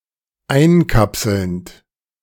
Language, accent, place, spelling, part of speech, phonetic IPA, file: German, Germany, Berlin, einkapselnd, verb, [ˈaɪ̯nˌkapsl̩nt], De-einkapselnd.ogg
- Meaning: present participle of einkapseln